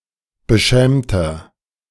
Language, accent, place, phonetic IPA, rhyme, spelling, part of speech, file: German, Germany, Berlin, [bəˈʃɛːmtɐ], -ɛːmtɐ, beschämter, adjective, De-beschämter.ogg
- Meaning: 1. comparative degree of beschämt 2. inflection of beschämt: strong/mixed nominative masculine singular 3. inflection of beschämt: strong genitive/dative feminine singular